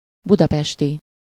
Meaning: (adjective) in Budapest, Budapestian (of, relating to, or located in Budapest); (noun) Budapestian (person)
- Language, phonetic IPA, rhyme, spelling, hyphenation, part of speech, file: Hungarian, [ˈbudɒpɛʃti], -ti, budapesti, bu‧da‧pes‧ti, adjective / noun, Hu-budapesti.ogg